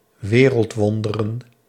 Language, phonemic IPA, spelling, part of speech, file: Dutch, /ˈwerəltˌwɔndərə(n)/, wereldwonderen, noun, Nl-wereldwonderen.ogg
- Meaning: plural of wereldwonder